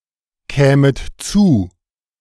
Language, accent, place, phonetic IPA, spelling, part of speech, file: German, Germany, Berlin, [ˌkɛːmət ˈt͡suː], kämet zu, verb, De-kämet zu.ogg
- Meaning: second-person plural subjunctive II of zukommen